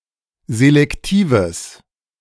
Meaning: strong/mixed nominative/accusative neuter singular of selektiv
- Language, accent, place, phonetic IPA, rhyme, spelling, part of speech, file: German, Germany, Berlin, [zelɛkˈtiːvəs], -iːvəs, selektives, adjective, De-selektives.ogg